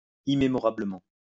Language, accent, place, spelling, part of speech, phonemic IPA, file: French, France, Lyon, immémorablement, adverb, /i.me.mɔ.ʁa.blə.mɑ̃/, LL-Q150 (fra)-immémorablement.wav
- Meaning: immemorably